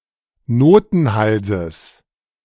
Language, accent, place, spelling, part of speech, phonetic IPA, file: German, Germany, Berlin, Notenhalses, noun, [ˈnoːtn̩ˌhalzəs], De-Notenhalses.ogg
- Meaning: genitive singular of Notenhals